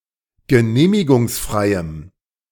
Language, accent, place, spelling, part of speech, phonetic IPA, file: German, Germany, Berlin, genehmigungsfreiem, adjective, [ɡəˈneːmɪɡʊŋsˌfʁaɪ̯əm], De-genehmigungsfreiem.ogg
- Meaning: strong dative masculine/neuter singular of genehmigungsfrei